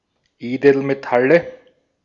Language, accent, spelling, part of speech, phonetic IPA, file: German, Austria, Edelmetalle, noun, [ˈeːdl̩meˌtalə], De-at-Edelmetalle.ogg
- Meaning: nominative/accusative/genitive plural of Edelmetall